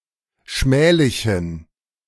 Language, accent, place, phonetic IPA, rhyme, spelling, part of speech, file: German, Germany, Berlin, [ˈʃmɛːlɪçn̩], -ɛːlɪçn̩, schmählichen, adjective, De-schmählichen.ogg
- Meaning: inflection of schmählich: 1. strong genitive masculine/neuter singular 2. weak/mixed genitive/dative all-gender singular 3. strong/weak/mixed accusative masculine singular 4. strong dative plural